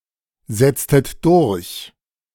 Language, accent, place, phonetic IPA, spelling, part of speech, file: German, Germany, Berlin, [ˌzɛt͡stət ˈdʊʁç], setztet durch, verb, De-setztet durch.ogg
- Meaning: inflection of durchsetzen: 1. second-person plural preterite 2. second-person plural subjunctive II